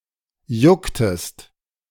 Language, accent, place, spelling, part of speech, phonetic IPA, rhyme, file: German, Germany, Berlin, jucktest, verb, [ˈjʊktəst], -ʊktəst, De-jucktest.ogg
- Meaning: inflection of jucken: 1. second-person singular preterite 2. second-person singular subjunctive II